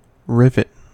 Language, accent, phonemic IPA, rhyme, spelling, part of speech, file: English, US, /ˈɹɪvət/, -ɪvət, rivet, noun / verb, En-us-rivet.ogg